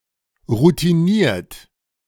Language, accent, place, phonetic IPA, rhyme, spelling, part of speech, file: German, Germany, Berlin, [ʁutiˈniːɐ̯t], -iːɐ̯t, routiniert, adjective, De-routiniert.ogg
- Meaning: experienced